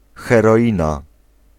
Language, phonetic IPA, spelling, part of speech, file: Polish, [ˌxɛrɔˈʲĩna], heroina, noun, Pl-heroina.ogg